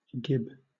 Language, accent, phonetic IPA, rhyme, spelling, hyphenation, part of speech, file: English, Southern England, [ˈd͡ʒɪb], -ɪb, gib, gib, noun, LL-Q1860 (eng)-gib.wav
- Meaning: 1. A castrated male cat or ferret 2. A male cat; a tomcat 3. A hooked prolongation on the lower jaw of a male salmon or trout 4. The lower lip of a horse